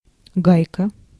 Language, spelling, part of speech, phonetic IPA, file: Russian, гайка, noun, [ˈɡajkə], Ru-гайка.ogg
- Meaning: nut (fastener intended to be screwed onto a threaded bolt)